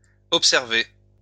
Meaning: past participle of observer
- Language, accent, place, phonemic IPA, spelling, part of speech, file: French, France, Lyon, /ɔp.sɛʁ.ve/, observé, verb, LL-Q150 (fra)-observé.wav